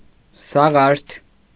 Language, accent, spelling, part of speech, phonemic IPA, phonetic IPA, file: Armenian, Eastern Armenian, սաղարթ, noun, /sɑˈʁɑɾtʰ/, [sɑʁɑ́ɾtʰ], Hy-սաղարթ.ogg
- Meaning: foliage, leafage